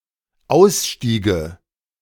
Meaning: first/third-person singular dependent subjunctive II of aussteigen
- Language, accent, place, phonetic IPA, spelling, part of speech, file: German, Germany, Berlin, [ˈaʊ̯sˌʃtiːɡə], ausstiege, verb, De-ausstiege.ogg